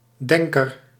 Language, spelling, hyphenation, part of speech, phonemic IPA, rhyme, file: Dutch, denker, den‧ker, noun, /ˈdɛŋ.kər/, -ɛŋkər, Nl-denker.ogg
- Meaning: thinker